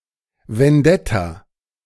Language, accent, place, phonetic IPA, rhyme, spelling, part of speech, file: German, Germany, Berlin, [vɛnˈdɛta], -ɛta, Vendetta, noun, De-Vendetta.ogg
- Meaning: 1. vendetta (in the context of mafia) 2. vendetta (a powerful grudge against someone else, often involving repeated attacks or attempts at undermining)